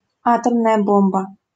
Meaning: atom bomb, atomic bomb
- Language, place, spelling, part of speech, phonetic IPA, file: Russian, Saint Petersburg, атомная бомба, noun, [ˈatəmnəjə ˈbombə], LL-Q7737 (rus)-атомная бомба.wav